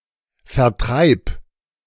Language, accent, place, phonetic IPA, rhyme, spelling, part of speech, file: German, Germany, Berlin, [fɛɐ̯ˈtʁaɪ̯p], -aɪ̯p, vertreib, verb, De-vertreib.ogg
- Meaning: singular imperative of vertreiben